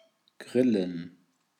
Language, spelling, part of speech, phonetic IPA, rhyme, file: German, grillen, verb, [ˈɡʁɪlən], -ɪlən, De-grillen.ogg
- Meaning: to grill